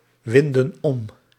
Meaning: inflection of omwinden: 1. plural present indicative 2. plural present subjunctive
- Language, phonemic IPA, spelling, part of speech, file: Dutch, /ˈwɪndə(n) ˈɔm/, winden om, verb, Nl-winden om.ogg